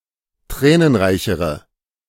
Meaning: inflection of tränenreich: 1. strong/mixed nominative/accusative feminine singular comparative degree 2. strong nominative/accusative plural comparative degree
- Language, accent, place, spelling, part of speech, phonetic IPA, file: German, Germany, Berlin, tränenreichere, adjective, [ˈtʁɛːnənˌʁaɪ̯çəʁə], De-tränenreichere.ogg